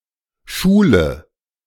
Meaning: inflection of schulen: 1. first-person singular present 2. first/third-person singular subjunctive I 3. singular imperative
- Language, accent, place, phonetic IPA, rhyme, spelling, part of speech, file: German, Germany, Berlin, [ˈʃuːlə], -uːlə, schule, verb, De-schule.ogg